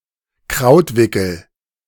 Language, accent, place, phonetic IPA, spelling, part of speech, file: German, Germany, Berlin, [ˈkʁaʊ̯tˌvɪkl̩], Krautwickel, noun, De-Krautwickel.ogg
- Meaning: cabbage roll